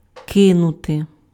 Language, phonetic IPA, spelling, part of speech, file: Ukrainian, [ˈkɪnʊte], кинути, verb, Uk-кинути.ogg
- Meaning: 1. to throw, to cast, to fling, to hurl 2. to abandon an idea, to quit a habit